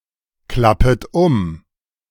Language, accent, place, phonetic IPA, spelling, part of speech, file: German, Germany, Berlin, [ˌklapət ˈʊm], klappet um, verb, De-klappet um.ogg
- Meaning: second-person plural subjunctive I of umklappen